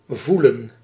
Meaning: 1. to feel, to have sensation of 2. to feel, to experience a feeling
- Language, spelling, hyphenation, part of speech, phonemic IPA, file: Dutch, voelen, voe‧len, verb, /ˈvulə(n)/, Nl-voelen.ogg